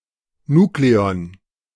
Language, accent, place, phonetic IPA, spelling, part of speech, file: German, Germany, Berlin, [ˈnuːkleɔn], Nukleon, noun, De-Nukleon.ogg
- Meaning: nucleon